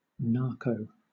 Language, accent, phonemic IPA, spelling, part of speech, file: English, Southern England, /ˈnɑːkəʊ/, narco, noun, LL-Q1860 (eng)-narco.wav
- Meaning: 1. Narcotics 2. A Latin American drug baron, usually from Colombia or Mexico 3. Acronym of narcotics control officer (“a police officer specializing in drug crimes”)